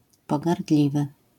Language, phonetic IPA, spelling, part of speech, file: Polish, [ˌpɔɡarˈdlʲivɨ], pogardliwy, adjective, LL-Q809 (pol)-pogardliwy.wav